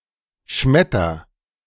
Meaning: inflection of schmettern: 1. first-person singular present 2. singular imperative
- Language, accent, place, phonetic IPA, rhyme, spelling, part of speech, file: German, Germany, Berlin, [ˈʃmɛtɐ], -ɛtɐ, schmetter, verb, De-schmetter.ogg